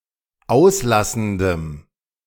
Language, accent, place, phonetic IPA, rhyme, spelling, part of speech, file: German, Germany, Berlin, [ˈaʊ̯sˌlasn̩dəm], -aʊ̯slasn̩dəm, auslassendem, adjective, De-auslassendem.ogg
- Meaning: strong dative masculine/neuter singular of auslassend